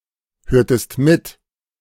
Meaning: inflection of mithören: 1. second-person singular preterite 2. second-person singular subjunctive II
- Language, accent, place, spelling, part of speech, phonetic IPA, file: German, Germany, Berlin, hörtest mit, verb, [ˌhøːɐ̯təst ˈmɪt], De-hörtest mit.ogg